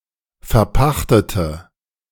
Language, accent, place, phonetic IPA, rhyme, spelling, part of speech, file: German, Germany, Berlin, [fɛɐ̯ˈpaxtətə], -axtətə, verpachtete, adjective / verb, De-verpachtete.ogg
- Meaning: inflection of verpachten: 1. first/third-person singular preterite 2. first/third-person singular subjunctive II